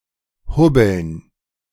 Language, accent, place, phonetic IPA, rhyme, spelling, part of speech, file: German, Germany, Berlin, [ˈhʊbl̩n], -ʊbl̩n, Hubbeln, noun, De-Hubbeln.ogg
- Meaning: dative plural of Hubbel